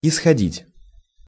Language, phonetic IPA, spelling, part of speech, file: Russian, [ɪsxɐˈdʲitʲ], исходить, verb, Ru-исходить.ogg
- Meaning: 1. to issue (from), to come (from), to originate (from), to emanate (from) 2. to proceed (from), to base oneself (on)) 3. to be drained of, to shed a lot of (blood, tears, etc.)